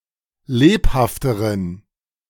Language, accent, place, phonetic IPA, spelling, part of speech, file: German, Germany, Berlin, [ˈleːphaftəʁən], lebhafteren, adjective, De-lebhafteren.ogg
- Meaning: inflection of lebhaft: 1. strong genitive masculine/neuter singular comparative degree 2. weak/mixed genitive/dative all-gender singular comparative degree